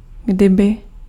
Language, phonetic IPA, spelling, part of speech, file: Czech, [ˈɡdɪbɪ], kdyby, particle / conjunction, Cs-kdyby.ogg
- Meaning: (particle) Denotes desire or wish; if only; had better; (conjunction) if